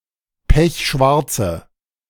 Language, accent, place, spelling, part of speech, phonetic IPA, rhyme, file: German, Germany, Berlin, pechschwarze, adjective, [ˈpɛçˈʃvaʁt͡sə], -aʁt͡sə, De-pechschwarze.ogg
- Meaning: inflection of pechschwarz: 1. strong/mixed nominative/accusative feminine singular 2. strong nominative/accusative plural 3. weak nominative all-gender singular